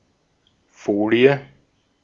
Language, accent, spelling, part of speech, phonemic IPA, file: German, Austria, Folie, noun, /ˈfoːli̯ə/, De-at-Folie.ogg
- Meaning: 1. a piece of very thinly spread-out material: foil, metal film 2. a piece of very thinly spread-out material: plastic wrap, cling film 3. slide (transparent plate bearing something to be projected)